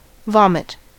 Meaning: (verb) 1. To regurgitate or eject the contents of the stomach through the mouth; puke 2. To regurgitate and discharge (something swallowed); to spew
- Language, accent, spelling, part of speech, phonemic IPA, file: English, US, vomit, verb / noun, /ˈvɑmɪt/, En-us-vomit.ogg